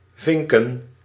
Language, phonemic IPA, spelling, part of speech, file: Dutch, /ˈvɪŋkə(n)/, vinken, verb / noun, Nl-vinken.ogg
- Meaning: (verb) to finch; catch finches; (noun) plural of vink